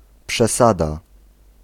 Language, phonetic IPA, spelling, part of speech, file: Polish, [pʃɛˈsada], przesada, noun, Pl-przesada.ogg